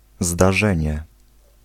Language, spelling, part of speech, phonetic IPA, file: Polish, zdarzenie, noun, [zdaˈʒɛ̃ɲɛ], Pl-zdarzenie.ogg